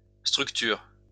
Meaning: second-person singular present indicative/subjunctive of structurer
- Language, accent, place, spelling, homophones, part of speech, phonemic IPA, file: French, France, Lyon, structures, structure / structurent, verb, /stʁyk.tyʁ/, LL-Q150 (fra)-structures.wav